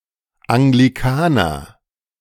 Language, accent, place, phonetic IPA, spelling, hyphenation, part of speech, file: German, Germany, Berlin, [ʔaŋɡliˈkaːnɐ], Anglikaner, An‧gli‧ka‧ner, noun, De-Anglikaner.ogg
- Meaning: Anglican